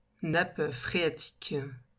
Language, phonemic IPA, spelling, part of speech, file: French, /nap fʁe.a.tik/, nappe phréatique, noun, LL-Q150 (fra)-nappe phréatique.wav
- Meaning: water table